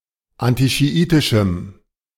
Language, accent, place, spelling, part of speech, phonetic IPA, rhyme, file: German, Germany, Berlin, antischiitischem, adjective, [ˌantiʃiˈʔiːtɪʃm̩], -iːtɪʃm̩, De-antischiitischem.ogg
- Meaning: strong dative masculine/neuter singular of antischiitisch